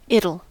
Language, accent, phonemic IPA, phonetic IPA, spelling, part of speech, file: English, US, /ˈɪtl̩/, [ˈɪɾl̩], it'll, contraction, En-us-it'll.ogg
- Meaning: 1. Contraction of it + shall 2. Contraction of it + will